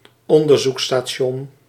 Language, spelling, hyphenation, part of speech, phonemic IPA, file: Dutch, onderzoeksstation, on‧der‧zoeks‧sta‧ti‧on, noun, /ˈɔn.dər.zuk.staːˌʃɔn/, Nl-onderzoeksstation.ogg
- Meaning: research station